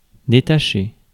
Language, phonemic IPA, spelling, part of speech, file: French, /de.ta.ʃe/, détacher, verb, Fr-détacher.ogg
- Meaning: 1. to remove spots, stains 2. to detach, unbind or untie 3. to come off (become detached, unbound, untied etc.) 4. to stand out